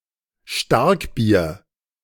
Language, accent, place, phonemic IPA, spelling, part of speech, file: German, Germany, Berlin, /ˈʃtaʁkˌbiːɐ̯/, Starkbier, noun, De-Starkbier.ogg
- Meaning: doppelbock brewed for early spring consumption